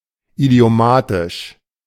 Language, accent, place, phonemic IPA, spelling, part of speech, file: German, Germany, Berlin, /idi̯oˈmaːtɪʃ/, idiomatisch, adjective, De-idiomatisch.ogg
- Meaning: idiomatic, colloquial